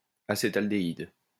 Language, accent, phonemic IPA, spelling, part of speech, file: French, France, /a.se.tal.de.id/, acétaldéhyde, noun, LL-Q150 (fra)-acétaldéhyde.wav
- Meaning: acetaldehyde